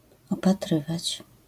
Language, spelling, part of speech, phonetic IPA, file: Polish, opatrywać, verb, [ˌɔpaˈtrɨvat͡ɕ], LL-Q809 (pol)-opatrywać.wav